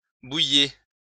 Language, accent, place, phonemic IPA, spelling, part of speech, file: French, France, Lyon, /buj.je/, bouilliez, verb, LL-Q150 (fra)-bouilliez.wav
- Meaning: inflection of bouillir: 1. second-person plural imperfect indicative 2. second-person plural present subjunctive